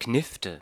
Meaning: 1. rifle 2. thick slice of bread
- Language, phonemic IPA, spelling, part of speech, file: German, /ˈknɪftə/, Knifte, noun, De-Knifte.ogg